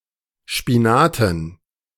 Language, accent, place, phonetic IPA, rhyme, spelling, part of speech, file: German, Germany, Berlin, [ˌʃpiˈnaːtn̩], -aːtn̩, Spinaten, noun, De-Spinaten.ogg
- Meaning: dative plural of Spinat